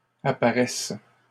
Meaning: first/third-person singular present subjunctive of apparaître
- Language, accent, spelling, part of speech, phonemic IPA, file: French, Canada, apparaisse, verb, /a.pa.ʁɛs/, LL-Q150 (fra)-apparaisse.wav